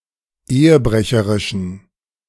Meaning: inflection of ehebrecherisch: 1. strong genitive masculine/neuter singular 2. weak/mixed genitive/dative all-gender singular 3. strong/weak/mixed accusative masculine singular 4. strong dative plural
- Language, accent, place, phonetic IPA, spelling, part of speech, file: German, Germany, Berlin, [ˈeːəˌbʁɛçəʁɪʃn̩], ehebrecherischen, adjective, De-ehebrecherischen.ogg